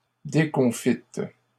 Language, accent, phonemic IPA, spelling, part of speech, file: French, Canada, /de.kɔ̃.fit/, déconfites, adjective, LL-Q150 (fra)-déconfites.wav
- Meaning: feminine plural of déconfit